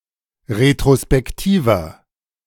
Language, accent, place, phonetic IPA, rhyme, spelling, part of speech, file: German, Germany, Berlin, [ʁetʁospɛkˈtiːvɐ], -iːvɐ, retrospektiver, adjective, De-retrospektiver.ogg
- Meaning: inflection of retrospektiv: 1. strong/mixed nominative masculine singular 2. strong genitive/dative feminine singular 3. strong genitive plural